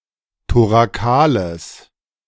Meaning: strong/mixed nominative/accusative neuter singular of thorakal
- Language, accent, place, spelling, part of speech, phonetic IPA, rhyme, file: German, Germany, Berlin, thorakales, adjective, [toʁaˈkaːləs], -aːləs, De-thorakales.ogg